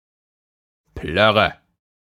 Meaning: 1. an unappetizing or disgusting liquid, often said pejoratively of a drink 2. clothes
- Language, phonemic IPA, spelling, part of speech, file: German, /ˈplœʁə/, Plörre, noun, De-Plörre.ogg